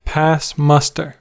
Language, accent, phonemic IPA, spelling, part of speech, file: English, US, /ˌpæs ˈmʌs.tɚ/, pass muster, verb, En-us-pass muster.ogg
- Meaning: 1. To meet or exceed a particular standard 2. To adequately pass a formal or informal inspection